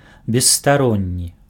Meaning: impartial
- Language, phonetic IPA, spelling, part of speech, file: Belarusian, [bʲesːtaˈronʲːi], бесстаронні, adjective, Be-бесстаронні.ogg